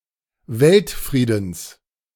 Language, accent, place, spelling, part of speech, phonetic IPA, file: German, Germany, Berlin, Weltfriedens, noun, [ˈvɛltˌfʁiːdn̩s], De-Weltfriedens.ogg
- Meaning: genitive singular of Weltfrieden